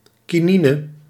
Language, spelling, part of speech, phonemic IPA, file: Dutch, kinine, noun, /kiˈninə/, Nl-kinine.ogg
- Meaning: quinine